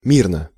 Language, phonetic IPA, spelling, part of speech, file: Russian, [ˈmʲirnə], мирно, adverb / adjective, Ru-мирно.ogg
- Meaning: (adverb) peacefully; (adjective) short neuter singular of ми́рный (mírnyj)